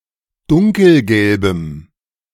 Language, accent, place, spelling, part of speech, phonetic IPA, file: German, Germany, Berlin, dunkelgelbem, adjective, [ˈdʊŋkl̩ˌɡɛlbəm], De-dunkelgelbem.ogg
- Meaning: strong dative masculine/neuter singular of dunkelgelb